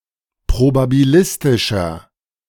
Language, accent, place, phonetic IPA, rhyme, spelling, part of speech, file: German, Germany, Berlin, [pʁobabiˈlɪstɪʃɐ], -ɪstɪʃɐ, probabilistischer, adjective, De-probabilistischer.ogg
- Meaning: inflection of probabilistisch: 1. strong/mixed nominative masculine singular 2. strong genitive/dative feminine singular 3. strong genitive plural